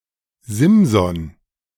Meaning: Samson (Biblical figure)
- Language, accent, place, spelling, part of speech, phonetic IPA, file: German, Germany, Berlin, Simson, proper noun, [ˈzɪmzɔn], De-Simson.ogg